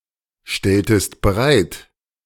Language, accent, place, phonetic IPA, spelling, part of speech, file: German, Germany, Berlin, [ˌʃtɛltəst bəˈʁaɪ̯t], stelltest bereit, verb, De-stelltest bereit.ogg
- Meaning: inflection of bereitstellen: 1. second-person singular preterite 2. second-person singular subjunctive II